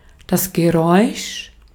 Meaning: noise, sound
- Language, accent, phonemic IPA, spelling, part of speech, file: German, Austria, /ɡəˈʁɔʏ̯ʃ/, Geräusch, noun, De-at-Geräusch.ogg